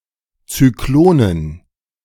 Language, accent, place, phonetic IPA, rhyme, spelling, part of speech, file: German, Germany, Berlin, [t͡syˈkloːnən], -oːnən, Zyklonen, noun, De-Zyklonen.ogg
- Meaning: dative plural of Zyklon